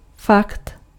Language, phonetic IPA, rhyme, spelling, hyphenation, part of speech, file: Czech, [ˈfakt], -akt, fakt, fakt, noun, Cs-fakt.ogg
- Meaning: fact